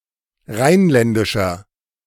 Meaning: inflection of rheinländisch: 1. strong/mixed nominative masculine singular 2. strong genitive/dative feminine singular 3. strong genitive plural
- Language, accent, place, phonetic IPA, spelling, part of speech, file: German, Germany, Berlin, [ˈʁaɪ̯nˌlɛndɪʃɐ], rheinländischer, adjective, De-rheinländischer.ogg